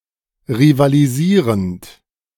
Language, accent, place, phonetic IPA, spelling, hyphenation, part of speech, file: German, Germany, Berlin, [ʁivaːliˈziːʁənt], rivalisierend, ri‧va‧li‧sie‧rend, verb, De-rivalisierend.ogg
- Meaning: present participle of rivalisieren